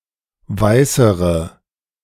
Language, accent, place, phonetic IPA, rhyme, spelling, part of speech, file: German, Germany, Berlin, [ˈvaɪ̯səʁə], -aɪ̯səʁə, weißere, adjective, De-weißere.ogg
- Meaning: inflection of weiß: 1. strong/mixed nominative/accusative feminine singular comparative degree 2. strong nominative/accusative plural comparative degree